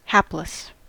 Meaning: 1. Especially of a person, unfortunate 2. Very unlucky; ill-fated 3. Very miserable, wretched, unhappy, measly, forlorn 4. Devoid of talent or skill
- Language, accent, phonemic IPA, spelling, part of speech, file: English, US, /ˈhæpləs/, hapless, adjective, En-us-hapless.ogg